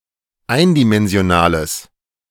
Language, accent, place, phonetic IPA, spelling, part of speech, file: German, Germany, Berlin, [ˈaɪ̯ndimɛnzi̯oˌnaːləs], eindimensionales, adjective, De-eindimensionales.ogg
- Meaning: strong/mixed nominative/accusative neuter singular of eindimensional